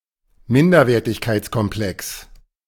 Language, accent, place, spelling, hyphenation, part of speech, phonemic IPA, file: German, Germany, Berlin, Minderwertigkeitskomplex, Min‧der‧wer‧tig‧keits‧kom‧plex, noun, /ˈmɪndɐveːɐtɪçkeɪtskɔmˌplɛks/, De-Minderwertigkeitskomplex.ogg
- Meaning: inferiority complex